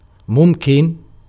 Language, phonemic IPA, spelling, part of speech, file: Arabic, /mum.kin/, ممكن, adjective, Ar-ممكن.ogg
- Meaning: possible